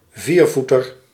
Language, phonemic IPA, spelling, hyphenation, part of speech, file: Dutch, /ˈviːrˌvu.tər/, viervoeter, vier‧voe‧ter, noun, Nl-viervoeter.ogg
- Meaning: 1. quadruped 2. tetrapod, any member of the superclass Tetrapoda 3. dog 4. tetrameter